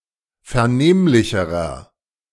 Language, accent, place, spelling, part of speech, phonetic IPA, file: German, Germany, Berlin, vernehmlicherer, adjective, [fɛɐ̯ˈneːmlɪçəʁɐ], De-vernehmlicherer.ogg
- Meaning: inflection of vernehmlich: 1. strong/mixed nominative masculine singular comparative degree 2. strong genitive/dative feminine singular comparative degree 3. strong genitive plural comparative degree